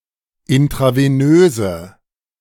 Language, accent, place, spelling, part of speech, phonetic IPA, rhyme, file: German, Germany, Berlin, intravenöse, adjective, [ɪntʁaveˈnøːzə], -øːzə, De-intravenöse.ogg
- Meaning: inflection of intravenös: 1. strong/mixed nominative/accusative feminine singular 2. strong nominative/accusative plural 3. weak nominative all-gender singular